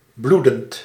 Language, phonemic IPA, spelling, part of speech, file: Dutch, /ˈbludənt/, bloedend, verb / adjective, Nl-bloedend.ogg
- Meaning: present participle of bloeden